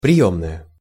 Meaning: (noun) 1. reception room, waiting room 2. reception, reception desk; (adjective) feminine singular nominative of приёмный (prijómnyj)
- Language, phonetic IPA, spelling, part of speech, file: Russian, [prʲɪˈjɵmnəjə], приёмная, noun / adjective, Ru-приёмная.ogg